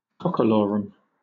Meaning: 1. A menial yet self-important person; a person who makes empty boasts 2. Boastful speech, crowing 3. A game similar to leapfrog
- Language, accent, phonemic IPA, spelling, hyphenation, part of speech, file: English, Southern England, /ˈkɒkəˌlɔːɹəm/, cockalorum, cock‧a‧lo‧rum, noun, LL-Q1860 (eng)-cockalorum.wav